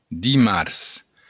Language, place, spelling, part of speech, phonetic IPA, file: Occitan, Béarn, dimars, noun, [diˈmars], LL-Q14185 (oci)-dimars.wav
- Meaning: Tuesday